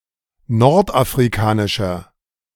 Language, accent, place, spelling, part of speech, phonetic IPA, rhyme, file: German, Germany, Berlin, nordafrikanischer, adjective, [ˌnɔʁtʔafʁiˈkaːnɪʃɐ], -aːnɪʃɐ, De-nordafrikanischer.ogg
- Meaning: inflection of nordafrikanisch: 1. strong/mixed nominative masculine singular 2. strong genitive/dative feminine singular 3. strong genitive plural